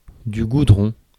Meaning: tar (substance)
- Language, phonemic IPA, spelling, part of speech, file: French, /ɡu.dʁɔ̃/, goudron, noun, Fr-goudron.ogg